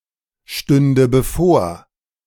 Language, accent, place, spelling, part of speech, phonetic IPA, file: German, Germany, Berlin, stünde bevor, verb, [ˌʃtʏndə bəˈfoːɐ̯], De-stünde bevor.ogg
- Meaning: first/third-person singular subjunctive II of bevorstehen